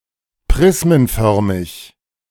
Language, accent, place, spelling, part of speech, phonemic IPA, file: German, Germany, Berlin, prismenförmig, adjective, /ˈpʁɪsmənˌfœʁmɪç/, De-prismenförmig.ogg
- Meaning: prismatic (shaped like a prism)